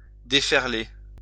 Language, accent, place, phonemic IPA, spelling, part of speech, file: French, France, Lyon, /de.fɛʁ.le/, déferler, verb, LL-Q150 (fra)-déferler.wav
- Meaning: 1. to break 2. to break out, to surge, to rise up, to sweep 3. to unfurl (sails)